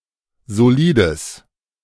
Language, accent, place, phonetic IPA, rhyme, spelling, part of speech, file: German, Germany, Berlin, [zoˈliːdəs], -iːdəs, solides, adjective, De-solides.ogg
- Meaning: strong/mixed nominative/accusative neuter singular of solid